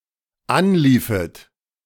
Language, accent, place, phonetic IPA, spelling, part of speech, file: German, Germany, Berlin, [ˈanˌliːfət], anliefet, verb, De-anliefet.ogg
- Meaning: second-person plural dependent subjunctive II of anlaufen